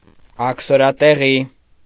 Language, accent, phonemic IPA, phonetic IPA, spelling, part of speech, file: Armenian, Eastern Armenian, /ɑkʰsoɾɑteˈʁi/, [ɑkʰsoɾɑteʁí], աքսորատեղի, noun, Hy-աքսորատեղի.ogg
- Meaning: place or location where exiles are sent